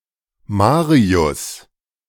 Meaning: a male given name from Latin
- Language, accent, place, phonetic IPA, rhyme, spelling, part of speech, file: German, Germany, Berlin, [ˈmaːʁiʊs], -aːʁiʊs, Marius, proper noun, De-Marius.ogg